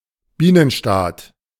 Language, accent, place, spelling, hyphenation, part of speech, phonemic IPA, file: German, Germany, Berlin, Bienenstaat, Bie‧nen‧staat, noun, /ˈbiːnənˌʃtaːt/, De-Bienenstaat.ogg
- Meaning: bee colony